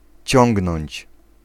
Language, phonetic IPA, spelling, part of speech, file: Polish, [ˈt͡ɕɔ̃ŋɡnɔ̃ɲt͡ɕ], ciągnąć, verb, Pl-ciągnąć.ogg